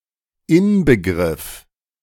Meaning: embodiment
- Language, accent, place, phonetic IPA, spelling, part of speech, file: German, Germany, Berlin, [ˈɪnbəˌɡʁɪf], Inbegriff, noun, De-Inbegriff.ogg